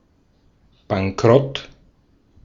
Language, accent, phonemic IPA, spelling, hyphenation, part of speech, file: German, Austria, /baŋˈkʁɔt/, Bankrott, Ban‧k‧rott, noun, De-at-Bankrott.ogg
- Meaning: 1. bankruptcy 2. one of any certain behaviours constituting a criminal offence for abstractly endangering an insolvency estate under § 283 StGB